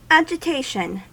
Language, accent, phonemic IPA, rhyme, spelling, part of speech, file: English, US, /ædʒ.ɪˈteɪ.ʃən/, -eɪʃən, agitation, noun, En-us-agitation.ogg
- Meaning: The act of agitating, or the state of being agitated; the state of being disrupted with violence, or with irregular action; commotion